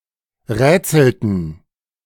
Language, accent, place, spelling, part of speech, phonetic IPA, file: German, Germany, Berlin, rätselten, verb, [ˈʁɛːt͡sl̩tn̩], De-rätselten.ogg
- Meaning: inflection of rätseln: 1. first/third-person plural preterite 2. first/third-person plural subjunctive II